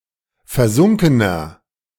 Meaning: inflection of versunken: 1. strong/mixed nominative masculine singular 2. strong genitive/dative feminine singular 3. strong genitive plural
- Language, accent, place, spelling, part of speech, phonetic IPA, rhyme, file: German, Germany, Berlin, versunkener, adjective, [fɛɐ̯ˈzʊŋkənɐ], -ʊŋkənɐ, De-versunkener.ogg